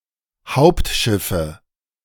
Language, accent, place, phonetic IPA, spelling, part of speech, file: German, Germany, Berlin, [ˈhaʊ̯ptˌʃɪfə], Hauptschiffe, noun, De-Hauptschiffe.ogg
- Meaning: nominative/accusative/genitive plural of Hauptschiff